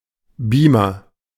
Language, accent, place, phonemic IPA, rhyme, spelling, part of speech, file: German, Germany, Berlin, /ˈbiːmɐ/, -iːmɐ, Beamer, noun, De-Beamer.ogg
- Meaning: 1. video projector 2. beamer 3. Beamer (BMW car)